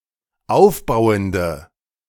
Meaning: inflection of aufbauend: 1. strong/mixed nominative/accusative feminine singular 2. strong nominative/accusative plural 3. weak nominative all-gender singular
- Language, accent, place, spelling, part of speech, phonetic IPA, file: German, Germany, Berlin, aufbauende, adjective, [ˈaʊ̯fˌbaʊ̯əndə], De-aufbauende.ogg